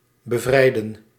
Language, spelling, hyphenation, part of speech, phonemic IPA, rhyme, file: Dutch, bevrijden, be‧vrij‧den, verb, /bəˈvrɛi̯.dən/, -ɛi̯dən, Nl-bevrijden.ogg
- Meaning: to liberate, to free